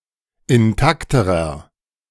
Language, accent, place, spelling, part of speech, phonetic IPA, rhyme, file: German, Germany, Berlin, intakterer, adjective, [ɪnˈtaktəʁɐ], -aktəʁɐ, De-intakterer.ogg
- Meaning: inflection of intakt: 1. strong/mixed nominative masculine singular comparative degree 2. strong genitive/dative feminine singular comparative degree 3. strong genitive plural comparative degree